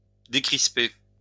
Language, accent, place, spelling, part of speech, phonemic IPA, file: French, France, Lyon, décrisper, verb, /de.kʁis.pe/, LL-Q150 (fra)-décrisper.wav
- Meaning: to unclench